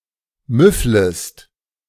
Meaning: second-person singular subjunctive I of müffeln
- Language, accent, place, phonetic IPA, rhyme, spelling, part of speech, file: German, Germany, Berlin, [ˈmʏfləst], -ʏfləst, müfflest, verb, De-müfflest.ogg